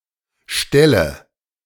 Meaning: inflection of stellen: 1. first-person singular present 2. first/third-person singular subjunctive I 3. singular imperative
- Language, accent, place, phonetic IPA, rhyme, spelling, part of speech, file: German, Germany, Berlin, [ˈʃtɛlə], -ɛlə, stelle, verb, De-stelle.ogg